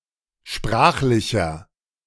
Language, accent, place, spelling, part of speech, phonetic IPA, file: German, Germany, Berlin, sprachlicher, adjective, [ˈʃpʁaːxlɪçɐ], De-sprachlicher.ogg
- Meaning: inflection of sprachlich: 1. strong/mixed nominative masculine singular 2. strong genitive/dative feminine singular 3. strong genitive plural